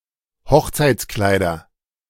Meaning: nominative/accusative/genitive plural of Hochzeitskleid
- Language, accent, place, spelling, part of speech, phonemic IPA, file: German, Germany, Berlin, Hochzeitskleider, noun, /ˈhɔxt͡saɪ̯t͡sˌklaɪ̯dɐ/, De-Hochzeitskleider.ogg